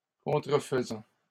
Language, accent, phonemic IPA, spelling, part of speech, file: French, Canada, /kɔ̃.tʁə.f(ə).zɑ̃/, contrefaisant, verb, LL-Q150 (fra)-contrefaisant.wav
- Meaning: present participle of contrefaire